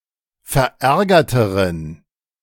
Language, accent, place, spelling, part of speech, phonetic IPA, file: German, Germany, Berlin, verärgerteren, adjective, [fɛɐ̯ˈʔɛʁɡɐtəʁən], De-verärgerteren.ogg
- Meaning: inflection of verärgert: 1. strong genitive masculine/neuter singular comparative degree 2. weak/mixed genitive/dative all-gender singular comparative degree